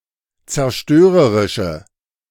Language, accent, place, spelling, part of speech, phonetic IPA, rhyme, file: German, Germany, Berlin, zerstörerische, adjective, [t͡sɛɐ̯ˈʃtøːʁəʁɪʃə], -øːʁəʁɪʃə, De-zerstörerische.ogg
- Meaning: inflection of zerstörerisch: 1. strong/mixed nominative/accusative feminine singular 2. strong nominative/accusative plural 3. weak nominative all-gender singular